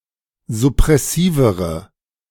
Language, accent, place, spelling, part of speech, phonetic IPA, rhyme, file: German, Germany, Berlin, suppressivere, adjective, [zʊpʁɛˈsiːvəʁə], -iːvəʁə, De-suppressivere.ogg
- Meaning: inflection of suppressiv: 1. strong/mixed nominative/accusative feminine singular comparative degree 2. strong nominative/accusative plural comparative degree